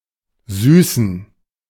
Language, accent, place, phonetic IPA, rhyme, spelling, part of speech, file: German, Germany, Berlin, [ˈzyːsn̩], -yːsn̩, süßen, verb / adjective, De-süßen.ogg
- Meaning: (verb) to sweeten; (adjective) inflection of süß: 1. strong genitive masculine/neuter singular 2. weak/mixed genitive/dative all-gender singular 3. strong/weak/mixed accusative masculine singular